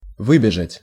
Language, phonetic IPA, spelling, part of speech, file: Russian, [ˈvɨbʲɪʐətʲ], выбежать, verb, Ru-выбежать.ogg
- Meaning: to run out (outside)